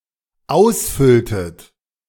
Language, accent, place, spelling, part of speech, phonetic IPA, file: German, Germany, Berlin, ausfülltet, verb, [ˈaʊ̯sˌfʏltət], De-ausfülltet.ogg
- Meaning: inflection of ausfüllen: 1. second-person plural dependent preterite 2. second-person plural dependent subjunctive II